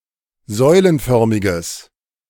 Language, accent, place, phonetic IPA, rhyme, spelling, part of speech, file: German, Germany, Berlin, [ˈzɔɪ̯lənˌfœʁmɪɡəs], -ɔɪ̯lənfœʁmɪɡəs, säulenförmiges, adjective, De-säulenförmiges.ogg
- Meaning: strong/mixed nominative/accusative neuter singular of säulenförmig